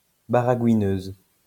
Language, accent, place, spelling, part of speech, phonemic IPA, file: French, France, Lyon, baragouineuse, noun, /ba.ʁa.ɡwi.nøz/, LL-Q150 (fra)-baragouineuse.wav
- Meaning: female equivalent of baragouineur